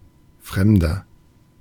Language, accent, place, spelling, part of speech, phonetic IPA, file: German, Germany, Berlin, fremder, adjective, [ˈfʁɛmdɐ], De-fremder.ogg
- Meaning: 1. comparative degree of fremd 2. inflection of fremd: strong/mixed nominative masculine singular 3. inflection of fremd: strong genitive/dative feminine singular